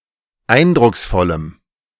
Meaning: strong dative masculine/neuter singular of eindrucksvoll
- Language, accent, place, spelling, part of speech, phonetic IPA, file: German, Germany, Berlin, eindrucksvollem, adjective, [ˈaɪ̯ndʁʊksˌfɔləm], De-eindrucksvollem.ogg